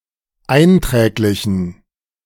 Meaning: inflection of einträglich: 1. strong genitive masculine/neuter singular 2. weak/mixed genitive/dative all-gender singular 3. strong/weak/mixed accusative masculine singular 4. strong dative plural
- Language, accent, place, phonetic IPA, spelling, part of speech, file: German, Germany, Berlin, [ˈaɪ̯nˌtʁɛːklɪçn̩], einträglichen, adjective, De-einträglichen.ogg